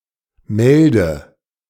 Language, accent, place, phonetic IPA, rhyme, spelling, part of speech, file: German, Germany, Berlin, [ˈmɛldə], -ɛldə, melde, verb, De-melde.ogg
- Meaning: inflection of melden: 1. first-person singular present 2. singular imperative 3. first/third-person singular subjunctive I